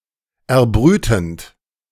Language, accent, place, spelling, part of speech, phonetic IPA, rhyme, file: German, Germany, Berlin, erbrütend, verb, [ɛɐ̯ˈbʁyːtn̩t], -yːtn̩t, De-erbrütend.ogg
- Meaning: present participle of erbrüten